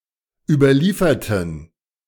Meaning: inflection of überliefern: 1. first/third-person plural preterite 2. first/third-person plural subjunctive II
- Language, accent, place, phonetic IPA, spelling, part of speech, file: German, Germany, Berlin, [ˌyːbɐˈliːfɐtn̩], überlieferten, adjective / verb, De-überlieferten.ogg